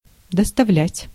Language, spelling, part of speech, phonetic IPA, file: Russian, доставлять, verb, [dəstɐˈvlʲætʲ], Ru-доставлять.ogg
- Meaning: 1. to deliver, to convey, to supply, to furnish 2. to procure, to cause, to give 3. to give, to provide, to afford